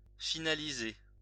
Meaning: to finalize
- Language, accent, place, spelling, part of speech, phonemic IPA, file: French, France, Lyon, finaliser, verb, /fi.na.li.ze/, LL-Q150 (fra)-finaliser.wav